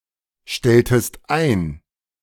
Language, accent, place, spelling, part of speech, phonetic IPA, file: German, Germany, Berlin, stelltest ein, verb, [ˌʃtɛltəst ˈaɪ̯n], De-stelltest ein.ogg
- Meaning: inflection of einstellen: 1. second-person singular preterite 2. second-person singular subjunctive II